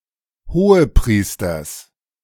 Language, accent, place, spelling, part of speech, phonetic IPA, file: German, Germany, Berlin, Hohepriesters, noun, [hoːəˈpʁiːstɐs], De-Hohepriesters.ogg
- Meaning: genitive of Hohepriester